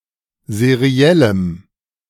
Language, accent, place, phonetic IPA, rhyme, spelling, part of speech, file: German, Germany, Berlin, [zeˈʁi̯ɛləm], -ɛləm, seriellem, adjective, De-seriellem.ogg
- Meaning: strong dative masculine/neuter singular of seriell